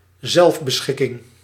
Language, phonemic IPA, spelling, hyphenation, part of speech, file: Dutch, /ˈzɛlf.bəˌsxɪ.kɪŋ/, zelfbeschikking, zelf‧be‧schik‧king, noun, Nl-zelfbeschikking.ogg
- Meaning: self-determination